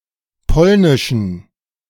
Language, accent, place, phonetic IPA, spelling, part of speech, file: German, Germany, Berlin, [ˈpɔlnɪʃn̩], polnischen, adjective, De-polnischen.ogg
- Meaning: inflection of polnisch: 1. strong genitive masculine/neuter singular 2. weak/mixed genitive/dative all-gender singular 3. strong/weak/mixed accusative masculine singular 4. strong dative plural